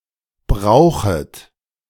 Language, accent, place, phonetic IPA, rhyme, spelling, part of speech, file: German, Germany, Berlin, [ˈbʁaʊ̯xət], -aʊ̯xət, brauchet, verb, De-brauchet.ogg
- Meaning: second-person plural subjunctive I of brauchen